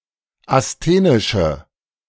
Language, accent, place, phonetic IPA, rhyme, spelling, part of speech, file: German, Germany, Berlin, [asˈteːnɪʃə], -eːnɪʃə, asthenische, adjective, De-asthenische.ogg
- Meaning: inflection of asthenisch: 1. strong/mixed nominative/accusative feminine singular 2. strong nominative/accusative plural 3. weak nominative all-gender singular